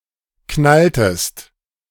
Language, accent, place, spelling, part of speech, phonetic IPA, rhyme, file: German, Germany, Berlin, knalltest, verb, [ˈknaltəst], -altəst, De-knalltest.ogg
- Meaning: inflection of knallen: 1. second-person singular preterite 2. second-person singular subjunctive II